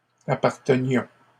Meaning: inflection of appartenir: 1. first-person plural imperfect indicative 2. first-person plural present subjunctive
- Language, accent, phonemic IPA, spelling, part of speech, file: French, Canada, /a.paʁ.tə.njɔ̃/, appartenions, verb, LL-Q150 (fra)-appartenions.wav